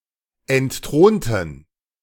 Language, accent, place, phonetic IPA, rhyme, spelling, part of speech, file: German, Germany, Berlin, [ɛntˈtʁoːntn̩], -oːntn̩, entthronten, adjective / verb, De-entthronten.ogg
- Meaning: inflection of entthronen: 1. first/third-person plural preterite 2. first/third-person plural subjunctive II